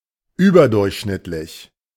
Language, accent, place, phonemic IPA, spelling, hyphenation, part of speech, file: German, Germany, Berlin, /yːbɐdʊʁçʃnɪtlɪç/, überdurchschnittlich, ü‧ber‧durch‧schnitt‧lich, adjective, De-überdurchschnittlich.ogg
- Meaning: above average